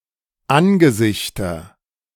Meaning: nominative/accusative/genitive plural of Angesicht
- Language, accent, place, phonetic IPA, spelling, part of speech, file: German, Germany, Berlin, [ˈanɡəˌzɪçtɐ], Angesichter, noun, De-Angesichter.ogg